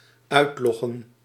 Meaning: to log out
- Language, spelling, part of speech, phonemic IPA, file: Dutch, uitloggen, verb, /ˈœytlɔɣə(n)/, Nl-uitloggen.ogg